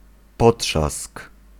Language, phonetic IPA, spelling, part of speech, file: Polish, [ˈpɔṭʃask], potrzask, noun, Pl-potrzask.ogg